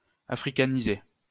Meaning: to Africanize
- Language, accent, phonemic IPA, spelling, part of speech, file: French, France, /a.fʁi.ka.ni.ze/, africaniser, verb, LL-Q150 (fra)-africaniser.wav